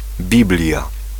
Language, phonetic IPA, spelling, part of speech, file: Polish, [ˈbʲiblʲja], Biblia, noun, Pl-Biblia.ogg